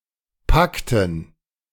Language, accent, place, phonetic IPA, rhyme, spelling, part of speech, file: German, Germany, Berlin, [ˈpaktn̩], -aktn̩, Pakten, noun, De-Pakten.ogg
- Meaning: dative plural of Pakt